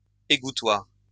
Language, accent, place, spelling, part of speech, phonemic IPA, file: French, France, Lyon, égouttoir, noun, /e.ɡu.twaʁ/, LL-Q150 (fra)-égouttoir.wav
- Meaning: 1. drainer, draining board 2. dish rack, drainer, drying rack, dish drainer